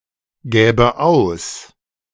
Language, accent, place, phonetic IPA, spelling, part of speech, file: German, Germany, Berlin, [ˌɡɛːbə ˈaʊ̯s], gäbe aus, verb, De-gäbe aus.ogg
- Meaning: first/third-person singular subjunctive II of ausgeben